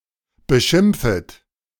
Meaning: second-person plural subjunctive I of beschimpfen
- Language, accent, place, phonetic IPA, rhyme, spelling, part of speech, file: German, Germany, Berlin, [bəˈʃɪmp͡fət], -ɪmp͡fət, beschimpfet, verb, De-beschimpfet.ogg